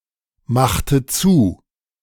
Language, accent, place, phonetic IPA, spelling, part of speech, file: German, Germany, Berlin, [ˌmaxtə ˈt͡suː], machte zu, verb, De-machte zu.ogg
- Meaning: inflection of zumachen: 1. first/third-person singular preterite 2. first/third-person singular subjunctive II